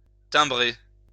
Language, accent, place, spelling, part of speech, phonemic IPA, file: French, France, Lyon, timbrer, verb, /tɛ̃.bʁe/, LL-Q150 (fra)-timbrer.wav
- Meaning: 1. to stamp (attach a postage stamp to) 2. to stamp (mark with a stamp)